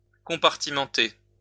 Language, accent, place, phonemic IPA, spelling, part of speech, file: French, France, Lyon, /kɔ̃.paʁ.ti.mɑ̃.te/, compartimenter, verb, LL-Q150 (fra)-compartimenter.wav
- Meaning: to put into compartments, compartmentalize, to section off